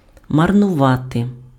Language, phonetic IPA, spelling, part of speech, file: Ukrainian, [mɐrnʊˈʋate], марнувати, verb, Uk-марнувати.ogg
- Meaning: to waste, to squander, to dissipate